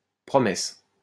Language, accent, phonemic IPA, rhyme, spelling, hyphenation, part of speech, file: French, France, /pʁɔ.mɛs/, -ɛs, promesse, pro‧messe, noun, LL-Q150 (fra)-promesse.wav
- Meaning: promise (all meanings)